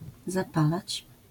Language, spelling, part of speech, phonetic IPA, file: Polish, zapalać, verb, [zaˈpalat͡ɕ], LL-Q809 (pol)-zapalać.wav